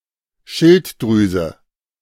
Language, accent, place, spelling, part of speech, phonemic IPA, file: German, Germany, Berlin, Schilddrüse, noun, /ˈʃɪltdʁyːzə/, De-Schilddrüse.ogg
- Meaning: thyroid, thyroid gland